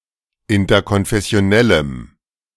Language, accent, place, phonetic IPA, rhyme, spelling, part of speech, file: German, Germany, Berlin, [ɪntɐkɔnfɛsi̯oˈnɛləm], -ɛləm, interkonfessionellem, adjective, De-interkonfessionellem.ogg
- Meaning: strong dative masculine/neuter singular of interkonfessionell